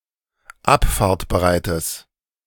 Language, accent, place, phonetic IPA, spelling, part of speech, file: German, Germany, Berlin, [ˈapfaːɐ̯tbəˌʁaɪ̯təs], abfahrtbereites, adjective, De-abfahrtbereites.ogg
- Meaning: strong/mixed nominative/accusative neuter singular of abfahrtbereit